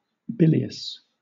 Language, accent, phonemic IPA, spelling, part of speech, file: English, Southern England, /ˈbɪl.i.əs/, bilious, adjective, LL-Q1860 (eng)-bilious.wav
- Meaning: 1. Of or pertaining to something containing or consisting of bile 2. Resembling bile, especially in color 3. Suffering from real or supposed liver disorder, especially excessive secretions of bile